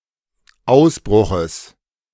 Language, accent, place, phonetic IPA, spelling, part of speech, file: German, Germany, Berlin, [ˈaʊ̯sˌbʁʊxəs], Ausbruches, noun, De-Ausbruches.ogg
- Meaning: genitive singular of Ausbruch